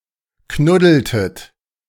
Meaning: inflection of knuddeln: 1. second-person plural preterite 2. second-person plural subjunctive II
- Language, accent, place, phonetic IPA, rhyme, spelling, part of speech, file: German, Germany, Berlin, [ˈknʊdl̩tət], -ʊdl̩tət, knuddeltet, verb, De-knuddeltet.ogg